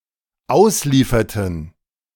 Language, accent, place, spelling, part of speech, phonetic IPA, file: German, Germany, Berlin, auslieferten, verb, [ˈaʊ̯sˌliːfɐtn̩], De-auslieferten.ogg
- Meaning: inflection of ausliefern: 1. first/third-person plural dependent preterite 2. first/third-person plural dependent subjunctive II